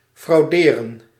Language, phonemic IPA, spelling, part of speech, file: Dutch, /frɑu̯ˈdeːrə(n)/, frauderen, verb, Nl-frauderen.ogg
- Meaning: to commit fraud